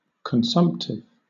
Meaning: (adjective) 1. Having a tendency to consume; dissipating; destructive; wasteful 2. Of or relating to consumption 3. Relating to pulmonary tuberculosis
- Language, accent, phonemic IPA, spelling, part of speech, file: English, Southern England, /kənˈsʌmptɪv/, consumptive, adjective / noun, LL-Q1860 (eng)-consumptive.wav